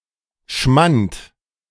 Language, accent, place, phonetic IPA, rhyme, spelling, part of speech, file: German, Germany, Berlin, [ʃmant], -ant, Schmant, noun, De-Schmant.ogg
- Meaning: alternative form of Schmand